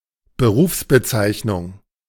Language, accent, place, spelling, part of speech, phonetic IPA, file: German, Germany, Berlin, Berufsbezeichnung, noun, [bəˈʁuːfsbəˌt͡saɪ̯çnʊŋ], De-Berufsbezeichnung.ogg
- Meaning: job title